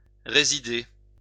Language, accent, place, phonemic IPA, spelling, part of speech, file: French, France, Lyon, /ʁe.zi.de/, résider, verb, LL-Q150 (fra)-résider.wav
- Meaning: 1. to reside, live 2. to lie, to be found